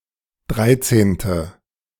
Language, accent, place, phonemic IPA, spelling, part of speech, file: German, Germany, Berlin, /ˈdʁaɪ̯tseːntə/, dreizehnte, adjective, De-dreizehnte2.ogg
- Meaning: thirteenth